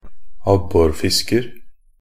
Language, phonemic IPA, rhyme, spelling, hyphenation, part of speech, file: Norwegian Bokmål, /ˈabːɔrfɪskər/, -ər, abborfisker, ab‧bor‧fis‧ker, noun, Nb-abborfisker.ogg
- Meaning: a perch fisher (a person who fishes perch)